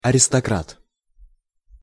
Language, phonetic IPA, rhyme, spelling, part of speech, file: Russian, [ɐrʲɪstɐˈkrat], -at, аристократ, noun, Ru-аристократ.ogg
- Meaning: male aristocrat